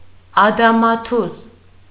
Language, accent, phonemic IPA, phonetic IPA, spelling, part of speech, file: Armenian, Eastern Armenian, /ɑdɑmɑˈtʰuz/, [ɑdɑmɑtʰúz], ադամաթուզ, noun, Hy-ադամաթուզ.ogg
- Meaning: banana (fruit)